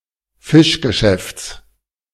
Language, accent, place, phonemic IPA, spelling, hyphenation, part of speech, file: German, Germany, Berlin, /ˈfɪʃɡəˌʃɛfts/, Fischgeschäfts, Fisch‧ge‧schäfts, noun, De-Fischgeschäfts.ogg
- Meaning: genitive singular of Fischgeschäft